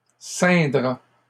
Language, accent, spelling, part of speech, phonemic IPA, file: French, Canada, ceindra, verb, /sɛ̃.dʁa/, LL-Q150 (fra)-ceindra.wav
- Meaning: third-person singular simple future of ceindre